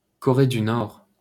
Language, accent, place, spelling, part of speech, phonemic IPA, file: French, France, Paris, Corée du Nord, proper noun, /kɔ.ʁe dy nɔʁ/, LL-Q150 (fra)-Corée du Nord.wav
- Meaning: North Korea (a country in East Asia, whose territory consists of the northern part of Korea)